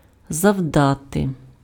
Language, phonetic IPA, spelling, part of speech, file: Ukrainian, [zɐu̯ˈdate], завдати, verb, Uk-завдати.ogg
- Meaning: 1. to inflict, to cause (:damage, injury, loss, detriment) 2. to deal, to strike (:blow)